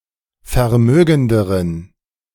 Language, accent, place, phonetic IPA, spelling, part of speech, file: German, Germany, Berlin, [fɛɐ̯ˈmøːɡn̩dəʁən], vermögenderen, adjective, De-vermögenderen.ogg
- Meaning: inflection of vermögend: 1. strong genitive masculine/neuter singular comparative degree 2. weak/mixed genitive/dative all-gender singular comparative degree